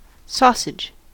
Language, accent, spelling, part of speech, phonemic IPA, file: English, US, sausage, noun / verb, /ˈsɔsɪd͡ʒ/, En-us-sausage.ogg
- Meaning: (noun) A food made of ground meat (or meat substitute) and seasoning, packed in a section of the animal's intestine, or in a similarly cylindrical shaped synthetic casing